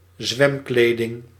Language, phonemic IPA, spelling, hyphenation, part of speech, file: Dutch, /ˈzʋɛmˌkleː.dɪŋ/, zwemkleding, zwem‧kle‧ding, noun, Nl-zwemkleding.ogg
- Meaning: swimwear